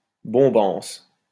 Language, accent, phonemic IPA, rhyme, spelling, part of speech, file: French, France, /bɔ̃.bɑ̃s/, -ɑ̃s, bombance, noun, LL-Q150 (fra)-bombance.wav
- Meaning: feast